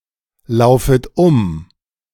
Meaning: second-person plural subjunctive I of umlaufen
- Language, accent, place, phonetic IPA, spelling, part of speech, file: German, Germany, Berlin, [ˌlaʊ̯fət ˈʊm], laufet um, verb, De-laufet um.ogg